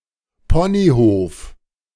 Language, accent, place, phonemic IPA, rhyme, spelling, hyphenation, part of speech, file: German, Germany, Berlin, /ˈpɔniˌhoːf/, -oːf, Ponyhof, Po‧ny‧hof, noun, De-Ponyhof.ogg
- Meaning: 1. pony farm 2. sunshine and rainbows, beer and skittles